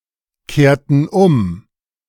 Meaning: inflection of umkehren: 1. first/third-person plural preterite 2. first/third-person plural subjunctive II
- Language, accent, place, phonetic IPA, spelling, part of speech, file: German, Germany, Berlin, [ˌkeːɐ̯tn̩ ˈʊm], kehrten um, verb, De-kehrten um.ogg